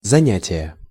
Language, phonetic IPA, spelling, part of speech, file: Russian, [zɐˈnʲætʲɪjə], занятия, noun, Ru-занятия.ogg
- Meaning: inflection of заня́тие (zanjátije): 1. genitive singular 2. nominative/accusative plural